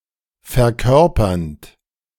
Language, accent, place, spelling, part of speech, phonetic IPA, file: German, Germany, Berlin, verkörpernd, verb, [fɛɐ̯ˈkœʁpɐnt], De-verkörpernd.ogg
- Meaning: present participle of verkörpern